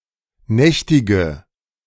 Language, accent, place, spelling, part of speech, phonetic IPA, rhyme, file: German, Germany, Berlin, nächtige, verb, [ˈnɛçtɪɡə], -ɛçtɪɡə, De-nächtige.ogg
- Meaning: inflection of nächtigen: 1. first-person singular present 2. first/third-person singular subjunctive I 3. singular imperative